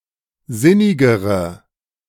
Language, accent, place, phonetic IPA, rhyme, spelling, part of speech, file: German, Germany, Berlin, [ˈzɪnɪɡəʁə], -ɪnɪɡəʁə, sinnigere, adjective, De-sinnigere.ogg
- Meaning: inflection of sinnig: 1. strong/mixed nominative/accusative feminine singular comparative degree 2. strong nominative/accusative plural comparative degree